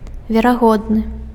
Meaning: probable
- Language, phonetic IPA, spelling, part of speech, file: Belarusian, [vʲeraˈɣodnɨ], верагодны, adjective, Be-верагодны.ogg